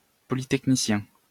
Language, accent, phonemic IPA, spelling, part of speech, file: French, France, /pɔ.li.tɛk.ni.sjɛ̃/, polytechnicien, adjective / noun, LL-Q150 (fra)-polytechnicien.wav
- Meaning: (adjective) related to École polytechnique; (noun) graduate of an École polytechnique